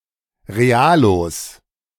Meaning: 1. plural of Realo 2. genitive singular of Realo
- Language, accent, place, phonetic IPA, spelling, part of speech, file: German, Germany, Berlin, [ʁeˈaːloːs], Realos, noun, De-Realos.ogg